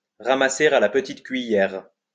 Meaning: to scrape up off the floor
- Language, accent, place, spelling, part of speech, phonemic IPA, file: French, France, Lyon, ramasser à la petite cuillère, verb, /ʁa.ma.se a la p(ə).tit kɥi.jɛʁ/, LL-Q150 (fra)-ramasser à la petite cuillère.wav